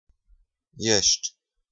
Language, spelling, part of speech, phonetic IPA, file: Romanian, ești, verb, [jeʃtʲ], Ro-ești.ogg
- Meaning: second-person singular present indicative of fi: You are